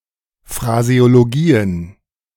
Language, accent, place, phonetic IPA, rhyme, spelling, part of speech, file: German, Germany, Berlin, [fʁazeoloˈɡiːən], -iːən, Phraseologien, noun, De-Phraseologien.ogg
- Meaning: plural of Phraseologie